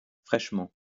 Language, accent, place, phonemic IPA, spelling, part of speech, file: French, France, Lyon, /fʁɛʃ.mɑ̃/, fraîchement, adverb, LL-Q150 (fra)-fraîchement.wav
- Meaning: freshly